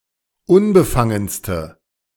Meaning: inflection of unbefangen: 1. strong/mixed nominative/accusative feminine singular superlative degree 2. strong nominative/accusative plural superlative degree
- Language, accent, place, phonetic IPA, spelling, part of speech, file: German, Germany, Berlin, [ˈʊnbəˌfaŋənstə], unbefangenste, adjective, De-unbefangenste.ogg